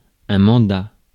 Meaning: 1. mandate 2. postal order, money order 3. power of attorney, proxy 4. warrant 5. term (of office)
- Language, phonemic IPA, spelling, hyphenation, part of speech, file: French, /mɑ̃.da/, mandat, man‧dat, noun, Fr-mandat.ogg